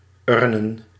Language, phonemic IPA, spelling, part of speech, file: Dutch, /ˈʏrnə(n)/, urnen, noun, Nl-urnen.ogg
- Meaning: plural of urn